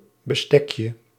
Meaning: diminutive of bestek
- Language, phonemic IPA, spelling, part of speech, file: Dutch, /bəˈstɛkjə/, bestekje, noun, Nl-bestekje.ogg